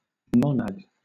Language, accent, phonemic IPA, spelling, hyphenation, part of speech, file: English, Southern England, /ˈmɒnæd/, monad, mon‧ad, noun, LL-Q1860 (eng)-monad.wav
- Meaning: 1. One thing, one being, one item 2. A group of entities or items treated as one entity 3. An ultimate atom, or simple, unextended point; something ultimate and indivisible